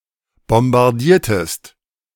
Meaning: inflection of bombardieren: 1. second-person singular preterite 2. second-person singular subjunctive II
- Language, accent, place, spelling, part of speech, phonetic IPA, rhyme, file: German, Germany, Berlin, bombardiertest, verb, [bɔmbaʁˈdiːɐ̯təst], -iːɐ̯təst, De-bombardiertest.ogg